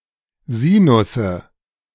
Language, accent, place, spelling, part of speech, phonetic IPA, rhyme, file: German, Germany, Berlin, Sinusse, noun, [ˈziːnʊsə], -iːnʊsə, De-Sinusse.ogg
- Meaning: nominative/accusative/genitive plural of Sinus